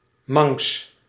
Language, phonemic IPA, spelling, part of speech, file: Dutch, /mɑŋks/, Manx, adjective / proper noun, Nl-Manx.ogg
- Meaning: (adjective) 1. of, or relating to the Isle of Man and/or its Celtic people 2. of, or relating to Manx Gaelic; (proper noun) Manx Gaelic, the Goidelic language spoken on the Isle of Man